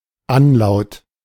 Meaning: anlaut, depending on the context either of the following: 1. the position of a sound at the beginning of a word 2. the position of a sound at the beginning of a syllable
- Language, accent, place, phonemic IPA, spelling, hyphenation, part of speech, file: German, Germany, Berlin, /ˈanˌlaʊ̯t/, Anlaut, An‧laut, noun, De-Anlaut.ogg